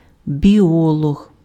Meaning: biologist
- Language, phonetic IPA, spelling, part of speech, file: Ukrainian, [bʲiˈɔɫɔɦ], біолог, noun, Uk-біолог.ogg